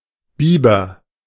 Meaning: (noun) beaver; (proper noun) a surname, variant of Bieber
- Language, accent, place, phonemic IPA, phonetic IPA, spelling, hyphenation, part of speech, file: German, Germany, Berlin, /ˈbiːbər/, [ˈbiː.bɐ], Biber, Bi‧ber, noun / proper noun, De-Biber.ogg